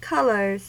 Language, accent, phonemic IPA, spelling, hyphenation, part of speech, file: English, US, /ˈkʌl.ɚz/, colors, col‧ors, noun / verb, En-us-colors.ogg
- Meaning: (noun) plural of color; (verb) third-person singular simple present indicative of color